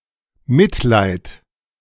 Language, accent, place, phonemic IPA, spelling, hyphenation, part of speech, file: German, Germany, Berlin, /ˈmɪtlaɪ̯t/, Mitleid, Mit‧leid, noun, De-Mitleid.ogg
- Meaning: pity, compassion